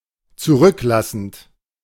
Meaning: present participle of zurücklassen
- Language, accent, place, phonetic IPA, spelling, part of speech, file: German, Germany, Berlin, [t͡suˈʁʏkˌlasn̩t], zurücklassend, verb, De-zurücklassend.ogg